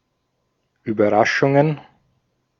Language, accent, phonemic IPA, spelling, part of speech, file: German, Austria, /yːbɐˈʁaʃʊŋən/, Überraschungen, noun, De-at-Überraschungen.ogg
- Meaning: plural of Überraschung